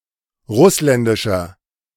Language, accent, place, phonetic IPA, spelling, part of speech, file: German, Germany, Berlin, [ˈʁʊslɛndɪʃɐ], russländischer, adjective, De-russländischer.ogg
- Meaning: 1. comparative degree of russländisch 2. inflection of russländisch: strong/mixed nominative masculine singular 3. inflection of russländisch: strong genitive/dative feminine singular